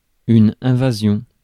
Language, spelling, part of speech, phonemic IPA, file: French, invasion, noun, /ɛ̃.va.zjɔ̃/, Fr-invasion.ogg
- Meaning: invasion